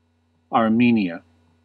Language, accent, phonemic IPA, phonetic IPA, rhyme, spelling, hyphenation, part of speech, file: English, US, /ɑɹˈmi.ni.ə/, [ɑɹˈmi.njə], -iːniə, Armenia, Ar‧me‧ni‧a, proper noun, En-us-Armenia.ogg
- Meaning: A country in the South Caucasus region of Asia, sometimes considered to belong politically to Europe. Official name: Republic of Armenia. Capital: Yerevan